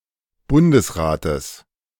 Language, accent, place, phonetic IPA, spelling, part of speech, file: German, Germany, Berlin, [ˈbʊndəsˌʁaːtəs], Bundesrates, noun, De-Bundesrates.ogg
- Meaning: genitive singular of Bundesrat